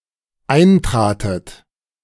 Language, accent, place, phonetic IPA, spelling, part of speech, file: German, Germany, Berlin, [ˈaɪ̯nˌtʁaːtət], eintratet, verb, De-eintratet.ogg
- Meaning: second-person plural dependent preterite of eintreten